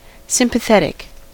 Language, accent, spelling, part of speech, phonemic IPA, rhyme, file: English, US, sympathetic, adjective / noun, /ˌsɪm.pəˈθɛt.ɪk/, -ɛtɪk, En-us-sympathetic.ogg
- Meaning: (adjective) 1. Of, related to, feeling, showing, or characterized by sympathy 2. Of, related to, feeling, showing, or characterized by sympathy.: Showing approval of or favor towards an idea or action